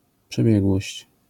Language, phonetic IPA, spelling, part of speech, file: Polish, [pʃɛˈbʲjɛɡwɔɕt͡ɕ], przebiegłość, noun, LL-Q809 (pol)-przebiegłość.wav